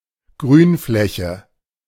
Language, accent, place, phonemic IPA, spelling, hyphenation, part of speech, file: German, Germany, Berlin, /ˈɡʁyːnˌflɛçə/, Grünfläche, Grün‧flä‧che, noun, De-Grünfläche.ogg
- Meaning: green space